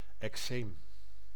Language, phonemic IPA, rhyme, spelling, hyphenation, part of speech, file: Dutch, /ɛkˈseːm/, -eːm, eczeem, ec‧zeem, noun, Nl-eczeem.ogg
- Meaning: 1. an eczema, generic term for itchy and/or defiguring inflammations of the skin 2. an analogous porcine disease